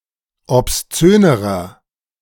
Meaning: inflection of obszön: 1. strong/mixed nominative masculine singular comparative degree 2. strong genitive/dative feminine singular comparative degree 3. strong genitive plural comparative degree
- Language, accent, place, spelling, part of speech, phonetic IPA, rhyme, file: German, Germany, Berlin, obszönerer, adjective, [ɔpsˈt͡søːnəʁɐ], -øːnəʁɐ, De-obszönerer.ogg